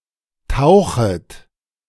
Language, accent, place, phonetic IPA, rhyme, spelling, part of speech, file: German, Germany, Berlin, [ˈtaʊ̯xət], -aʊ̯xət, tauchet, verb, De-tauchet.ogg
- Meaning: second-person plural subjunctive I of tauchen